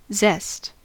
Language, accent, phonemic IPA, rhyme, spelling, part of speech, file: English, US, /zɛst/, -ɛst, zest, noun / verb, En-us-zest.ogg
- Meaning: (noun) 1. The outer skin of a citrus fruit, used as a flavouring or garnish 2. General vibrance of flavour